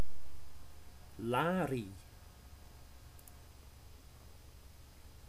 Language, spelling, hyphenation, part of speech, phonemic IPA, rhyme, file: Dutch, larie, la‧rie, noun, /ˈlaː.ri/, -aːri, Nl-larie.ogg
- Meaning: nonsense, babble